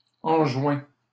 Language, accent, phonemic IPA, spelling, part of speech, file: French, Canada, /ɑ̃.ʒwɛ̃/, enjoins, verb, LL-Q150 (fra)-enjoins.wav
- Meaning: inflection of enjoindre: 1. first/second-person singular present indicative 2. second-person singular imperative